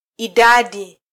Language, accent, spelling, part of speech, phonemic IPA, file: Swahili, Kenya, idadi, noun, /iˈɗɑ.ɗi/, Sw-ke-idadi.flac
- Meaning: 1. number 2. total (amount)